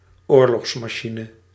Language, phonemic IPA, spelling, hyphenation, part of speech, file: Dutch, /ˈoːr.lɔxs.maːˌʃi.nə/, oorlogsmachine, oor‧logs‧ma‧chi‧ne, noun, Nl-oorlogsmachine.ogg
- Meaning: 1. war machine (warfare depicted as machinery) 2. a military machine, such as an engine of war